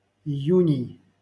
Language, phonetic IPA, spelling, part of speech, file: Russian, [ɪˈjʉnʲɪj], июней, noun, LL-Q7737 (rus)-июней.wav
- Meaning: genitive plural of ию́нь (ijúnʹ)